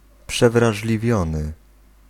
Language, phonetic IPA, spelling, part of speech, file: Polish, [ˌpʃɛvraʒlʲiˈvʲjɔ̃nɨ], przewrażliwiony, adjective, Pl-przewrażliwiony.ogg